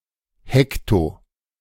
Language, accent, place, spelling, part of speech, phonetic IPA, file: German, Germany, Berlin, hekto-, prefix, [ˈhɛkto], De-hekto-.ogg
- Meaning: hecto-